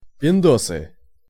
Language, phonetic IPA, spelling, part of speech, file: Russian, [pʲɪnˈdosɨ], пиндосы, noun, Ru-пиндосы.ogg
- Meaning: nominative plural of пиндо́с (pindós)